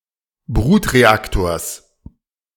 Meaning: genitive singular of Brutreaktor
- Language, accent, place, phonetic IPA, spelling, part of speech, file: German, Germany, Berlin, [ˈbʁuːtʁeˌaktoːɐ̯s], Brutreaktors, noun, De-Brutreaktors.ogg